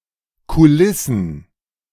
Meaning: plural of Kulisse
- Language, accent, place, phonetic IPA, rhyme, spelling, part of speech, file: German, Germany, Berlin, [kuˈlɪsn̩], -ɪsn̩, Kulissen, noun, De-Kulissen.ogg